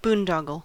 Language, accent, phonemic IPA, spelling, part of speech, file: English, US, /ˈbundɑɡəl/, boondoggle, noun / verb, En-us-boondoggle.ogg
- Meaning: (noun) 1. A braided ring to hold a neckerchief 2. A waste of time or money; a pointless activity 3. A trip or journey, especially a recreational or otherwise desirable one